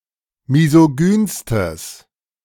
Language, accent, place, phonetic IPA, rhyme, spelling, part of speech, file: German, Germany, Berlin, [mizoˈɡyːnstəs], -yːnstəs, misogynstes, adjective, De-misogynstes.ogg
- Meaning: strong/mixed nominative/accusative neuter singular superlative degree of misogyn